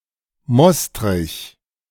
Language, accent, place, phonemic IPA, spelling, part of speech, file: German, Germany, Berlin, /ˈmɔstʁɪç/, Mostrich, noun, De-Mostrich.ogg
- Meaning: 1. mustard 2. a kind of mustard made with must instead of vinegar